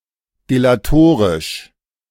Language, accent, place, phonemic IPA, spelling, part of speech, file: German, Germany, Berlin, /ˌdelaˑˈtoːʁɪʃ/, delatorisch, adjective, De-delatorisch.ogg
- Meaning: slanderous, defamatory